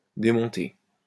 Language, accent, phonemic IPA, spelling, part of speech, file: French, France, /de.mɔ̃.te/, démonter, verb, LL-Q150 (fra)-démonter.wav
- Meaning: 1. to dismantle, to take down 2. to remove, to take off 3. to disconcert 4. to run rings around, to chew up, to take apart, to tear apart (a rival team)